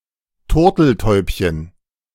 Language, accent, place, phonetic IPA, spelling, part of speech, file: German, Germany, Berlin, [ˈtʊʁtl̩ˌtɔɪ̯pçən], Turteltäubchen, noun, De-Turteltäubchen.ogg
- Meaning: diminutive of Turteltaube